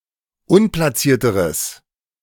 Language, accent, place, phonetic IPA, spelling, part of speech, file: German, Germany, Berlin, [ˈʊnplaˌt͡siːɐ̯təʁəs], unplatzierteres, adjective, De-unplatzierteres.ogg
- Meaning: strong/mixed nominative/accusative neuter singular comparative degree of unplatziert